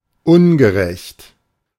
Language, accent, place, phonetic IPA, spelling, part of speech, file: German, Germany, Berlin, [ˈʊnɡəˌʁɛçt], ungerecht, adjective, De-ungerecht.ogg
- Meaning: unjust, unfair